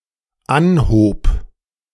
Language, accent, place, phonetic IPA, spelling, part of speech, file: German, Germany, Berlin, [ˈanhoːp], anhob, verb, De-anhob.ogg
- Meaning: first/third-person singular dependent preterite of anheben